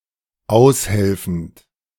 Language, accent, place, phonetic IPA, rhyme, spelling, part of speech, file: German, Germany, Berlin, [ˈaʊ̯sˌhɛlfn̩t], -aʊ̯shɛlfn̩t, aushelfend, verb, De-aushelfend.ogg
- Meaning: present participle of aushelfen